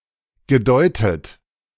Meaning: past participle of deuten
- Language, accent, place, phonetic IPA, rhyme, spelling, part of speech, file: German, Germany, Berlin, [ɡəˈdɔɪ̯tət], -ɔɪ̯tət, gedeutet, verb, De-gedeutet.ogg